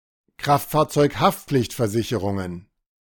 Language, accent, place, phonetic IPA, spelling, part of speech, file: German, Germany, Berlin, [ˈkʁaftfaːɐ̯t͡sɔɪ̯kˌhaftp͡flɪçtfɛɐ̯zɪçəʁʊŋən], Kraftfahrzeug-Haftpflichtversicherungen, noun, De-Kraftfahrzeug-Haftpflichtversicherungen.ogg
- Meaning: plural of Kraftfahrzeug-Haftpflichtversicherung